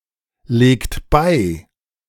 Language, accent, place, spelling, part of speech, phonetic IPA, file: German, Germany, Berlin, legt bei, verb, [ˌleːkt ˈbaɪ̯], De-legt bei.ogg
- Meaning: inflection of beilegen: 1. second-person plural present 2. third-person singular present 3. plural imperative